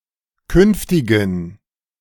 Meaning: inflection of künftig: 1. strong genitive masculine/neuter singular 2. weak/mixed genitive/dative all-gender singular 3. strong/weak/mixed accusative masculine singular 4. strong dative plural
- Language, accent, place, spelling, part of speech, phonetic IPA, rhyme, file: German, Germany, Berlin, künftigen, adjective, [ˈkʏnftɪɡn̩], -ʏnftɪɡn̩, De-künftigen.ogg